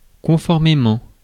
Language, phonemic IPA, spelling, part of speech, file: French, /kɔ̃.fɔʁ.me.mɑ̃/, conformément, adverb, Fr-conformément.ogg
- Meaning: accordingly